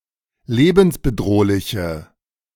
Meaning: inflection of lebensbedrohlich: 1. strong/mixed nominative/accusative feminine singular 2. strong nominative/accusative plural 3. weak nominative all-gender singular
- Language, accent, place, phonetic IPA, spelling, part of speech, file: German, Germany, Berlin, [ˈleːbn̩sbəˌdʁoːlɪçə], lebensbedrohliche, adjective, De-lebensbedrohliche.ogg